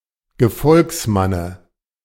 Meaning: dative singular of Gefolgsmann
- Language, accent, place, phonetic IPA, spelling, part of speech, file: German, Germany, Berlin, [ɡəˈfɔlksˌmanə], Gefolgsmanne, noun, De-Gefolgsmanne.ogg